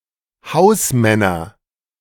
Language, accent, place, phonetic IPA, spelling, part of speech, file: German, Germany, Berlin, [ˈhaʊ̯sˌmɛnɐ], Hausmänner, noun, De-Hausmänner.ogg
- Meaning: nominative/accusative/genitive plural of Hausmann